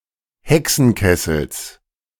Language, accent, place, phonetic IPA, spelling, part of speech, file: German, Germany, Berlin, [ˈhɛksn̩ˌkɛsl̩s], Hexenkessels, noun, De-Hexenkessels.ogg
- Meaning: genitive singular of Hexenkessel